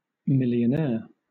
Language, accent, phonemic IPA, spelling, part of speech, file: English, Southern England, /ˌmɪl.i.əˈnɛə(ɹ)/, millionaire, noun, LL-Q1860 (eng)-millionaire.wav
- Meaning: Somebody whose wealth is at least one million (10⁶) currency units (usually understood to exclude holders of hyperinflated currencies)